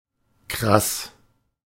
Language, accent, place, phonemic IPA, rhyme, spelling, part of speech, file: German, Germany, Berlin, /kʁas/, -as, krass, adjective, De-krass.ogg
- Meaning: 1. stark, extreme 2. amazing, incredible, remarkable 3. awesome, phat, cool